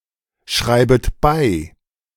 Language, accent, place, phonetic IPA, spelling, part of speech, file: German, Germany, Berlin, [ˌʃʁaɪ̯bəst t͡suˈʁʏk], schreibest zurück, verb, De-schreibest zurück.ogg
- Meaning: second-person singular subjunctive I of zurückschreiben